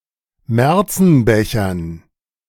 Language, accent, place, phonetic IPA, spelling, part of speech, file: German, Germany, Berlin, [ˈmɛʁt͡sn̩ˌbɛçɐn], Märzenbechern, noun, De-Märzenbechern.ogg
- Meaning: dative plural of Märzenbecher